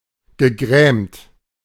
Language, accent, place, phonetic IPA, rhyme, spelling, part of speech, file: German, Germany, Berlin, [ɡəˈɡʁɛːmt], -ɛːmt, gegrämt, verb, De-gegrämt.ogg
- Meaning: past participle of grämen